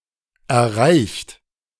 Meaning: 1. past participle of erreichen 2. inflection of erreichen: third-person singular present 3. inflection of erreichen: second-person plural present 4. inflection of erreichen: plural imperative
- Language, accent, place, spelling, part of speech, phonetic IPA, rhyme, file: German, Germany, Berlin, erreicht, verb, [ɛɐ̯ˈʁaɪ̯çt], -aɪ̯çt, De-erreicht.ogg